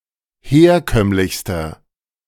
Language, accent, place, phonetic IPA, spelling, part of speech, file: German, Germany, Berlin, [ˈheːɐ̯ˌkœmlɪçstɐ], herkömmlichster, adjective, De-herkömmlichster.ogg
- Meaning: inflection of herkömmlich: 1. strong/mixed nominative masculine singular superlative degree 2. strong genitive/dative feminine singular superlative degree 3. strong genitive plural superlative degree